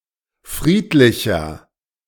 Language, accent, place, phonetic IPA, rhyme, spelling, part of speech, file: German, Germany, Berlin, [ˈfʁiːtlɪçɐ], -iːtlɪçɐ, friedlicher, adjective, De-friedlicher.ogg
- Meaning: 1. comparative degree of friedlich 2. inflection of friedlich: strong/mixed nominative masculine singular 3. inflection of friedlich: strong genitive/dative feminine singular